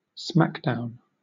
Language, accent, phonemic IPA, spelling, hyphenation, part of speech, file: English, Southern England, /ˈsmækdaʊn/, smackdown, smack‧down, noun, LL-Q1860 (eng)-smackdown.wav
- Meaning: 1. A physical or emotional confrontation; a battle, a fight; also, a bitter rivalry 2. A significant or humiliating setback or defeat; a beating, a thrashing